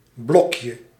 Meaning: diminutive of blok
- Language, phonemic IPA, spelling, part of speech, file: Dutch, /ˈblɔkjə/, blokje, noun, Nl-blokje.ogg